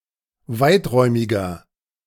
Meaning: 1. comparative degree of weiträumig 2. inflection of weiträumig: strong/mixed nominative masculine singular 3. inflection of weiträumig: strong genitive/dative feminine singular
- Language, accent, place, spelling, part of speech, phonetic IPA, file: German, Germany, Berlin, weiträumiger, adjective, [ˈvaɪ̯tˌʁɔɪ̯mɪɡɐ], De-weiträumiger.ogg